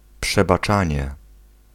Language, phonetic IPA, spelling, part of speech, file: Polish, [ˌpʃɛbaˈt͡ʃãɲɛ], przebaczanie, noun, Pl-przebaczanie.ogg